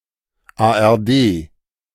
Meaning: initialism of Arbeitsgemeinschaft der öffentlich-rechtlichen Rundfunkanstalten der Bundesrepublik Deutschland, a joint organization of Germany's regional public-service broadcasters
- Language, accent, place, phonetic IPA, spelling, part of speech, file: German, Germany, Berlin, [aʔɛɐ̯ˈdeː], ARD, abbreviation, De-ARD.ogg